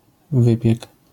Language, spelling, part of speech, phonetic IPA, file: Polish, wypiek, noun, [ˈvɨpʲjɛk], LL-Q809 (pol)-wypiek.wav